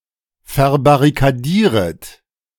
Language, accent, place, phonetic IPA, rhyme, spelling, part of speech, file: German, Germany, Berlin, [fɛɐ̯baʁikaˈdiːʁət], -iːʁət, verbarrikadieret, verb, De-verbarrikadieret.ogg
- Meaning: second-person plural subjunctive I of verbarrikadieren